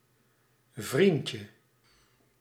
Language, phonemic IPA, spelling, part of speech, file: Dutch, /ˈvriɲcə/, vriendje, noun, Nl-vriendje.ogg
- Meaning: 1. diminutive of vriend 2. idiot, asshole, loser